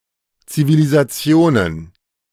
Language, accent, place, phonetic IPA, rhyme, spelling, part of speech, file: German, Germany, Berlin, [t͡sivilizaˈt͡si̯oːnən], -oːnən, Zivilisationen, noun, De-Zivilisationen.ogg
- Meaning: plural of Zivilisation